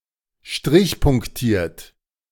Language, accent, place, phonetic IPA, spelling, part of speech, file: German, Germany, Berlin, [ˈʃtʁɪçpʊŋkˌtiːɐ̯t], strichpunktiert, adjective / verb, De-strichpunktiert.ogg
- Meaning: composed of alternate dots and dashes